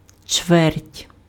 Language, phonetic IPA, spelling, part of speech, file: Ukrainian, [t͡ʃʋɛrtʲ], чверть, noun, Uk-чверть.ogg
- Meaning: 1. quarter, fourth (one of four equal parts) 2. term (part of an academic year)